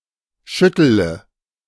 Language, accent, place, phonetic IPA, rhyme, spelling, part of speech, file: German, Germany, Berlin, [ˈʃʏtələ], -ʏtələ, schüttele, verb, De-schüttele.ogg
- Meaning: inflection of schütteln: 1. first-person singular present 2. singular imperative 3. first/third-person singular subjunctive I